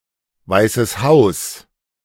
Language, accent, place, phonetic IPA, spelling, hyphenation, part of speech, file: German, Germany, Berlin, [ˌvaɪ̯səs ˈhaʊ̯s], Weißes Haus, Wei‧ßes Haus, proper noun, De-Weißes Haus.ogg
- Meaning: White House (especially the official residence of the US President; presidency, administration and executive)